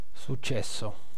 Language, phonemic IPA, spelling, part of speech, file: Italian, /sutˈt͡ʃɛsso/, successo, noun / verb, It-successo.ogg